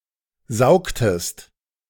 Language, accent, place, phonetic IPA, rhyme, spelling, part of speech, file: German, Germany, Berlin, [ˈzaʊ̯ktəst], -aʊ̯ktəst, saugtest, verb, De-saugtest.ogg
- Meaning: inflection of saugen: 1. second-person singular preterite 2. second-person singular subjunctive II